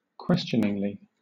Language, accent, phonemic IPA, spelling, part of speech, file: English, Southern England, /ˈkwɛst͡ʃənɪŋli/, questioningly, adverb, LL-Q1860 (eng)-questioningly.wav
- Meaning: In a questioning manner